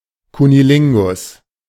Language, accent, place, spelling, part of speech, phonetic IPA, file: German, Germany, Berlin, Cunnilingus, noun, [kʊniˈlɪŋɡʊs], De-Cunnilingus.ogg
- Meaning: cunnilingus